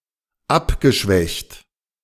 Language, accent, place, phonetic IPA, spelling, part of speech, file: German, Germany, Berlin, [ˈapɡəˌʃvɛçt], abgeschwächt, verb, De-abgeschwächt.ogg
- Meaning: past participle of abschwächen